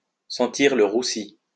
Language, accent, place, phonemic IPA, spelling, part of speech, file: French, France, Lyon, /sɑ̃.tiʁ lə ʁu.si/, sentir le roussi, verb, LL-Q150 (fra)-sentir le roussi.wav
- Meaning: to smell like trouble, not to look good